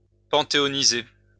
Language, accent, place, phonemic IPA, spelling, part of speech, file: French, France, Lyon, /pɑ̃.te.ɔ.ni.ze/, panthéoniser, verb, LL-Q150 (fra)-panthéoniser.wav
- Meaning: to pantheonize